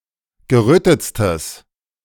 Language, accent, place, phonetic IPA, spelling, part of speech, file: German, Germany, Berlin, [ɡəˈʁøːtət͡stəs], gerötetstes, adjective, De-gerötetstes.ogg
- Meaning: strong/mixed nominative/accusative neuter singular superlative degree of gerötet